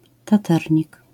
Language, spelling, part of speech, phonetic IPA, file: Polish, taternik, noun, [taˈtɛrʲɲik], LL-Q809 (pol)-taternik.wav